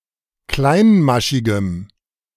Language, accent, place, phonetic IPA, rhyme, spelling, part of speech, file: German, Germany, Berlin, [ˈklaɪ̯nˌmaʃɪɡəm], -aɪ̯nmaʃɪɡəm, kleinmaschigem, adjective, De-kleinmaschigem.ogg
- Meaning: strong dative masculine/neuter singular of kleinmaschig